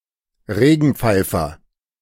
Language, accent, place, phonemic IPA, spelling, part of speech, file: German, Germany, Berlin, /ˈreːɡənˌ(p)faɪ̯fər/, Regenpfeifer, noun, De-Regenpfeifer.ogg
- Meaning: plover (wading bird of the family Charadriidae)